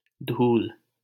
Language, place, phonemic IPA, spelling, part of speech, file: Hindi, Delhi, /d̪ʱuːl/, धूल, noun, LL-Q1568 (hin)-धूल.wav
- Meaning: dust